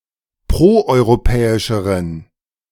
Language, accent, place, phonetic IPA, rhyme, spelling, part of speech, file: German, Germany, Berlin, [ˌpʁoʔɔɪ̯ʁoˈpɛːɪʃəʁən], -ɛːɪʃəʁən, proeuropäischeren, adjective, De-proeuropäischeren.ogg
- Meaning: inflection of proeuropäisch: 1. strong genitive masculine/neuter singular comparative degree 2. weak/mixed genitive/dative all-gender singular comparative degree